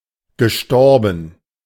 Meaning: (verb) past participle of sterben; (adjective) deceased (no longer alive)
- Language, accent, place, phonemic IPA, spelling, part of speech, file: German, Germany, Berlin, /ɡəˈʃtɔʁbən/, gestorben, verb / adjective, De-gestorben.ogg